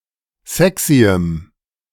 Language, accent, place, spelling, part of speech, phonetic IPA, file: German, Germany, Berlin, sexyem, adjective, [ˈzɛksiəm], De-sexyem.ogg
- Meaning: strong dative masculine/neuter singular of sexy